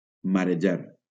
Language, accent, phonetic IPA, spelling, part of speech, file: Catalan, Valencia, [ma.ɾeˈd͡ʒaɾ], marejar, verb, LL-Q7026 (cat)-marejar.wav
- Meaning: 1. to cause to feel sick or dizzy 2. to annoy, to burden 3. to sail 4. to become sick or dizzy 5. (of ship's cargo) to be damaged, to spoil